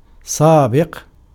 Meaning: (adjective) 1. previous, preceding, prior 2. former 3. active participle of سَبَقَ (sabaqa); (verb) to race
- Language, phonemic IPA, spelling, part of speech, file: Arabic, /saː.biq/, سابق, adjective / verb, Ar-سابق.ogg